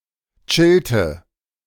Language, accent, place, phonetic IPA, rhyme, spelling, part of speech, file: German, Germany, Berlin, [ˈt͡ʃɪltə], -ɪltə, chillte, verb, De-chillte.ogg
- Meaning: inflection of chillen: 1. first/third-person singular preterite 2. first/third-person singular subjunctive II